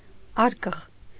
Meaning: box, case, coffer
- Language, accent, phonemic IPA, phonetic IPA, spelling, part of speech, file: Armenian, Eastern Armenian, /ˈɑɾkəʁ/, [ɑ́ɾkəʁ], արկղ, noun, Hy-արկղ.ogg